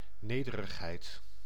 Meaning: humility, characteristic of being humble
- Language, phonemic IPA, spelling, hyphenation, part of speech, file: Dutch, /ˈneː.də.rəxˌɦɛi̯t/, nederigheid, ne‧de‧rig‧heid, noun, Nl-nederigheid.ogg